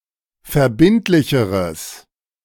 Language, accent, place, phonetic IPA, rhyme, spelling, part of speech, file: German, Germany, Berlin, [fɛɐ̯ˈbɪntlɪçəʁəs], -ɪntlɪçəʁəs, verbindlicheres, adjective, De-verbindlicheres.ogg
- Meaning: strong/mixed nominative/accusative neuter singular comparative degree of verbindlich